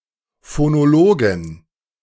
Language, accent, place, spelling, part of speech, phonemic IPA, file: German, Germany, Berlin, Phonologin, noun, /fonoˈloːɡɪn/, De-Phonologin.ogg
- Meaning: female equivalent of Phonologe: female phonologist